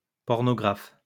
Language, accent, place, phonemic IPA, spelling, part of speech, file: French, France, Lyon, /pɔʁ.nɔ.ɡʁaf/, pornographe, noun, LL-Q150 (fra)-pornographe.wav
- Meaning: pornographer